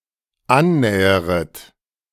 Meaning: second-person plural dependent subjunctive I of annähern
- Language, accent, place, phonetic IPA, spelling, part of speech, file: German, Germany, Berlin, [ˈanˌnɛːəʁət], annäheret, verb, De-annäheret.ogg